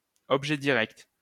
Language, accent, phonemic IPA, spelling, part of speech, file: French, France, /ɔb.ʒɛ di.ʁɛkt/, objet direct, noun, LL-Q150 (fra)-objet direct.wav
- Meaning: direct object